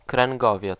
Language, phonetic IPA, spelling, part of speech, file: Polish, [krɛ̃ŋˈɡɔvʲjɛt͡s], kręgowiec, noun, Pl-kręgowiec.ogg